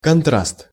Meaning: contrast
- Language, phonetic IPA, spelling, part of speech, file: Russian, [kɐnˈtrast], контраст, noun, Ru-контраст.ogg